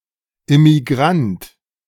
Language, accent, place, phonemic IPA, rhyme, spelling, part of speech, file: German, Germany, Berlin, /ʔɪmiˈɡʁant/, -ant, Immigrant, noun, De-Immigrant.ogg
- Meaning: immigrant (male or of unspecified gender)